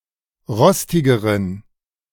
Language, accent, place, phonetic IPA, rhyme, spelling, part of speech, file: German, Germany, Berlin, [ˈʁɔstɪɡəʁən], -ɔstɪɡəʁən, rostigeren, adjective, De-rostigeren.ogg
- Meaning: inflection of rostig: 1. strong genitive masculine/neuter singular comparative degree 2. weak/mixed genitive/dative all-gender singular comparative degree